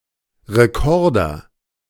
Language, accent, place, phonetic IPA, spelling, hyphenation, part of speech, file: German, Germany, Berlin, [ˌʁeˈkɔʁdɐ], Rekorder, Re‧kor‧der, noun, De-Rekorder.ogg
- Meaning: recorder